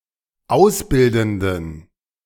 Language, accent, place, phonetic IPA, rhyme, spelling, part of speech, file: German, Germany, Berlin, [ˈaʊ̯sˌbɪldn̩dən], -aʊ̯sbɪldn̩dən, ausbildenden, adjective, De-ausbildenden.ogg
- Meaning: inflection of ausbildend: 1. strong genitive masculine/neuter singular 2. weak/mixed genitive/dative all-gender singular 3. strong/weak/mixed accusative masculine singular 4. strong dative plural